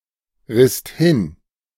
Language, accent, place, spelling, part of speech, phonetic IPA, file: German, Germany, Berlin, risst hin, verb, [ˌʁɪst ˈhɪn], De-risst hin.ogg
- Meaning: second-person singular/plural preterite of hinreißen